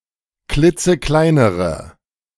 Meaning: inflection of klitzeklein: 1. strong/mixed nominative/accusative feminine singular comparative degree 2. strong nominative/accusative plural comparative degree
- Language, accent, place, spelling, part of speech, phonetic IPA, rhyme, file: German, Germany, Berlin, klitzekleinere, adjective, [ˈklɪt͡səˈklaɪ̯nəʁə], -aɪ̯nəʁə, De-klitzekleinere.ogg